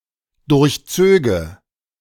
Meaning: first/third-person singular dependent subjunctive II of durchziehen
- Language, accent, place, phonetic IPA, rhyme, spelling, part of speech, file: German, Germany, Berlin, [ˌdʊʁçˈt͡søːɡə], -øːɡə, durchzöge, verb, De-durchzöge.ogg